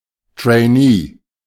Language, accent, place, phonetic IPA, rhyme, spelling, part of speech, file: German, Germany, Berlin, [treɪ̯ˈniː], -iː, Trainee, noun, De-Trainee.ogg
- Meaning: 1. trainee 2. female trainee